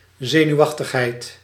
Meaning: nervousness
- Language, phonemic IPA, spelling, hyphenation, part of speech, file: Dutch, /ˈzeː.nyu̯ˌɑx.təx.ɦɛi̯t/, zenuwachtigheid, ze‧nuw‧ach‧tig‧heid, noun, Nl-zenuwachtigheid.ogg